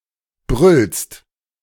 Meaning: second-person singular present of brüllen
- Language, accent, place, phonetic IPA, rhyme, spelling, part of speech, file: German, Germany, Berlin, [bʁʏlst], -ʏlst, brüllst, verb, De-brüllst.ogg